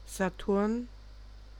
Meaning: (proper noun) Saturn; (noun) lead (material)
- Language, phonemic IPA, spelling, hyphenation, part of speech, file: German, /zaˈtʊʁn/, Saturn, Sa‧turn, proper noun / noun, De-Saturn.ogg